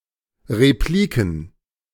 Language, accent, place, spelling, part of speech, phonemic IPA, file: German, Germany, Berlin, Repliken, noun, /ʁeˈpliːkn̩/, De-Repliken.ogg
- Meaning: plural of Replik